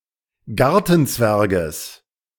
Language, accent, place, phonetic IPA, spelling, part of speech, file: German, Germany, Berlin, [ˈɡaʁtn̩ˌt͡svɛʁɡəs], Gartenzwerges, noun, De-Gartenzwerges.ogg
- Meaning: genitive singular of Gartenzwerg